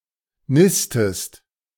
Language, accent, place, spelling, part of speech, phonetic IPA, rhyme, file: German, Germany, Berlin, nistest, verb, [ˈnɪstəst], -ɪstəst, De-nistest.ogg
- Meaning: inflection of nisten: 1. second-person singular present 2. second-person singular subjunctive I